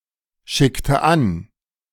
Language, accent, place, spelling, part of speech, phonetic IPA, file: German, Germany, Berlin, schickte an, verb, [ˌʃɪktə ˈan], De-schickte an.ogg
- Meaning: inflection of anschicken: 1. first/third-person singular preterite 2. first/third-person singular subjunctive II